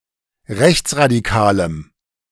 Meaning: strong dative masculine/neuter singular of rechtsradikal
- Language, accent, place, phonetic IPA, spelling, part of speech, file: German, Germany, Berlin, [ˈʁɛçt͡sʁadiˌkaːləm], rechtsradikalem, adjective, De-rechtsradikalem.ogg